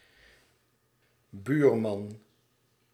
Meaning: neighbour (male)
- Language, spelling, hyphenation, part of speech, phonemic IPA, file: Dutch, buurman, buur‧man, noun, /ˈbyːr.mɑn/, Nl-buurman.ogg